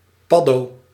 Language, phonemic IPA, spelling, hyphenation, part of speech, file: Dutch, /ˈpɑ.doː/, paddo, pad‧do, noun, Nl-paddo.ogg
- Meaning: a magic mushroom